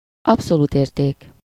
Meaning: absolute value
- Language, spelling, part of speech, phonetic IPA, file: Hungarian, abszolút érték, noun, [ˈɒpsoluːt ˌeːrteːk], Hu-abszolút érték.ogg